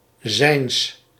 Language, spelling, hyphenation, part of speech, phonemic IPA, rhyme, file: Dutch, zijns, zijns, determiner / pronoun, /zɛi̯ns/, -ɛi̯ns, Nl-zijns.ogg
- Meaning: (determiner) genitive masculine/neuter of zijn; of his; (pronoun) genitive of hij; of him